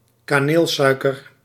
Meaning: cinnamon sugar (mixture of granulated sugar and ground cinnamon)
- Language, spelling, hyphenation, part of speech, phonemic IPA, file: Dutch, kaneelsuiker, ka‧neel‧sui‧ker, noun, /kaːˈneːlˌsœy̯.kər/, Nl-kaneelsuiker.ogg